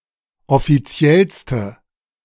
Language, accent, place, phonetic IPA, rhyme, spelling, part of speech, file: German, Germany, Berlin, [ɔfiˈt͡si̯ɛlstə], -ɛlstə, offiziellste, adjective, De-offiziellste.ogg
- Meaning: inflection of offiziell: 1. strong/mixed nominative/accusative feminine singular superlative degree 2. strong nominative/accusative plural superlative degree